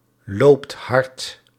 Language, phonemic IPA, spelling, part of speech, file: Dutch, /ˈlopt ˈhɑrt/, loopt hard, verb, Nl-loopt hard.ogg
- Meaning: inflection of hardlopen: 1. second/third-person singular present indicative 2. plural imperative